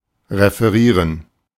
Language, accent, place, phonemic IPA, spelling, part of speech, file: German, Germany, Berlin, /ʁefəˈʁiːʁən/, referieren, verb, De-referieren.ogg
- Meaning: 1. to report 2. to refer